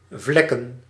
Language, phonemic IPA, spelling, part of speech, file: Dutch, /ˈvlɛkə(n)/, vlekken, verb / noun, Nl-vlekken.ogg
- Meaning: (verb) to stain, to make stains on; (noun) plural of vlek